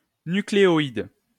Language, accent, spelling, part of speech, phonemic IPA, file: French, France, nucléoïde, noun, /ny.kle.ɔ.id/, LL-Q150 (fra)-nucléoïde.wav
- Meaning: nucleoid